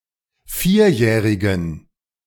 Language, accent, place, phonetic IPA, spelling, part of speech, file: German, Germany, Berlin, [ˈfiːɐ̯ˌjɛːʁɪɡəm], vierjährigem, adjective, De-vierjährigem.ogg
- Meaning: strong dative masculine/neuter singular of vierjährig